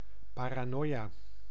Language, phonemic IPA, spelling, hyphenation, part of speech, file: Dutch, /ˌpaː.raːˈnoː.jaː/, paranoia, pa‧ra‧noia, noun / adjective, Nl-paranoia.ogg
- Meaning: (noun) paranoia; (adjective) paranoid